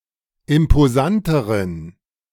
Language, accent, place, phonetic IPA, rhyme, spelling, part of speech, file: German, Germany, Berlin, [ɪmpoˈzantəʁən], -antəʁən, imposanteren, adjective, De-imposanteren.ogg
- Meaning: inflection of imposant: 1. strong genitive masculine/neuter singular comparative degree 2. weak/mixed genitive/dative all-gender singular comparative degree